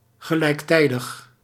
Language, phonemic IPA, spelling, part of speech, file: Dutch, /ɣəˈlɛiktɛidəx/, gelijktijdig, adjective, Nl-gelijktijdig.ogg
- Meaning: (adjective) simultaneous, at the same time; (adverb) simultaneously